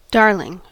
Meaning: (noun) Often used as an affectionate term of address: a person who is very dear to one
- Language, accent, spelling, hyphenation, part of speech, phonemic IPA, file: English, General American, darling, dar‧ling, noun / adjective / verb, /ˈdɑɹlɪŋ/, En-us-darling.ogg